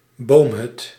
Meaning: a treehouse
- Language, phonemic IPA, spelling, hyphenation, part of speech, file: Dutch, /ˈboːm.ɦʏt/, boomhut, boom‧hut, noun, Nl-boomhut.ogg